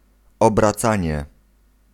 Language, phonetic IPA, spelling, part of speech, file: Polish, [ˌɔbraˈt͡sãɲɛ], obracanie, noun, Pl-obracanie.ogg